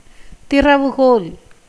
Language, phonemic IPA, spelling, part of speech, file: Tamil, /t̪ɪrɐʋʊɡoːl/, திறவுகோல், noun, Ta-திறவுகோல்.ogg
- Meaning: key